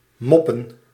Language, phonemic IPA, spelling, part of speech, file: Dutch, /ˈmɔpə(n)/, moppen, verb / noun, Nl-moppen.ogg
- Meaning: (verb) to mop; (noun) plural of mop